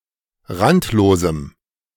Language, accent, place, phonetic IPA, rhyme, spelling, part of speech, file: German, Germany, Berlin, [ˈʁantloːzm̩], -antloːzm̩, randlosem, adjective, De-randlosem.ogg
- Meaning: strong dative masculine/neuter singular of randlos